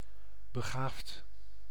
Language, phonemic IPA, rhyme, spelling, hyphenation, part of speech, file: Dutch, /bəˈɣaːft/, -aːft, begaafd, be‧gaafd, adjective, Nl-begaafd.ogg
- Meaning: gifted, talented